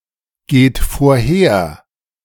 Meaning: inflection of vorhergehen: 1. third-person singular present 2. second-person plural present 3. plural imperative
- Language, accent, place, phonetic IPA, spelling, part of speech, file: German, Germany, Berlin, [ˌɡeːt foːɐ̯ˈheːɐ̯], geht vorher, verb, De-geht vorher.ogg